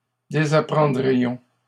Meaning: first-person plural conditional of désapprendre
- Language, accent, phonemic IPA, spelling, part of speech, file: French, Canada, /de.za.pʁɑ̃.dʁi.jɔ̃/, désapprendrions, verb, LL-Q150 (fra)-désapprendrions.wav